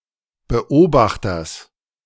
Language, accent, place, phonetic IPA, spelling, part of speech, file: German, Germany, Berlin, [bəˈʔoːbaxtɐs], Beobachters, noun, De-Beobachters.ogg
- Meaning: genitive singular of Beobachter